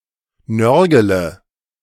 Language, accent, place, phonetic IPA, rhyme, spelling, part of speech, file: German, Germany, Berlin, [ˈnœʁɡələ], -œʁɡələ, nörgele, verb, De-nörgele.ogg
- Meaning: inflection of nörgeln: 1. first-person singular present 2. singular imperative 3. first/third-person singular subjunctive I